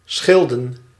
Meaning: inflection of schillen: 1. plural past indicative 2. plural past subjunctive
- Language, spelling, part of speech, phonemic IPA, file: Dutch, schilden, verb / noun, /ˈsxɪldən/, Nl-schilden.ogg